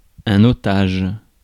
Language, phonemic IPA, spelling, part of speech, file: French, /ɔ.taʒ/, otage, noun, Fr-otage.ogg
- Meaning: hostage